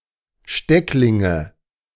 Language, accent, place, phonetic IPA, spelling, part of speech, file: German, Germany, Berlin, [ˈʃtɛklɪŋə], Stecklinge, noun, De-Stecklinge.ogg
- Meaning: nominative/accusative/genitive plural of Steckling